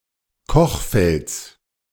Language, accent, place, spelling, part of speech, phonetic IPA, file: German, Germany, Berlin, Kochfelds, noun, [ˈkɔxˌfɛlt͡s], De-Kochfelds.ogg
- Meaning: genitive singular of Kochfeld